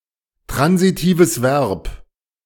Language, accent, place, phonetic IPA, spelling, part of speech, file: German, Germany, Berlin, [ˌtʁanzitiːvəs ˈvɛʁp], transitives Verb, phrase, De-transitives Verb.ogg
- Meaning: transitive verb